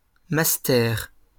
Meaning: master's degree
- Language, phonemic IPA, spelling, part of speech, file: French, /mas.tɛʁ/, mastère, noun, LL-Q150 (fra)-mastère.wav